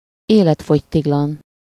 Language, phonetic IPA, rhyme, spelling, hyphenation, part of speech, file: Hungarian, [ˈeːlɛtfoctiɡlɒn], -ɒn, életfogytiglan, élet‧fogy‧tig‧lan, adverb / noun, Hu-életfogytiglan.ogg
- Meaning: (adverb) for life, till death; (noun) life sentence (life imprisonment or life incarceration)